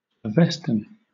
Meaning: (proper noun) An ancient Eastern Old Iranian language that was used to compose the sacred hymns and canon of the Zoroastrian Avesta
- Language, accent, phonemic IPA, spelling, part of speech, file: English, Southern England, /əˈvɛst(ə)n/, Avestan, proper noun / adjective, LL-Q1860 (eng)-Avestan.wav